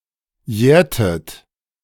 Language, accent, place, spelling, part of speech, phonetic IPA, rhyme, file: German, Germany, Berlin, jährtet, verb, [ˈjɛːɐ̯tət], -ɛːɐ̯tət, De-jährtet.ogg
- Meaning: inflection of jähren: 1. second-person plural preterite 2. second-person plural subjunctive II